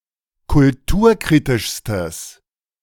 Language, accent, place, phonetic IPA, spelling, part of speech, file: German, Germany, Berlin, [kʊlˈtuːɐ̯ˌkʁiːtɪʃstəs], kulturkritischstes, adjective, De-kulturkritischstes.ogg
- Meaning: strong/mixed nominative/accusative neuter singular superlative degree of kulturkritisch